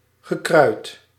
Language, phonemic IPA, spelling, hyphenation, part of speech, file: Dutch, /ɣəˈkrœyt/, gekruid, ge‧kruid, verb / adjective, Nl-gekruid.ogg
- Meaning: 1. past participle of kruiden 2. past participle of kruien